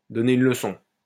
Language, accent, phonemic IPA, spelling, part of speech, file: French, France, /dɔ.ne yn lə.sɔ̃/, donner une leçon, verb, LL-Q150 (fra)-donner une leçon.wav
- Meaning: to teach (someone) a lesson